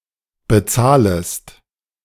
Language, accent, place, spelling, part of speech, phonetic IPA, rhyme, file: German, Germany, Berlin, bezahlest, verb, [bəˈt͡saːləst], -aːləst, De-bezahlest.ogg
- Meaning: second-person singular subjunctive I of bezahlen